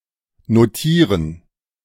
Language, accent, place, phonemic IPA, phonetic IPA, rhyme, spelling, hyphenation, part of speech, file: German, Germany, Berlin, /noˈtiːʁən/, [noˈtiːɐ̯n], -iːʁən, notieren, no‧tie‧ren, verb, De-notieren.ogg
- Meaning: 1. to note, to note down, to write down, to jot down 2. to be offered for purchase, to trade